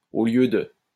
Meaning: 1. Used other than figuratively or idiomatically: see au, lieu, de 2. instead of
- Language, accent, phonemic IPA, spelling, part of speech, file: French, France, /o ljø də/, au lieu de, preposition, LL-Q150 (fra)-au lieu de.wav